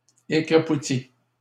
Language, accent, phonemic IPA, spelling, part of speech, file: French, Canada, /e.kʁa.pu.ti/, écrapouties, verb, LL-Q150 (fra)-écrapouties.wav
- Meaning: feminine plural of écrapouti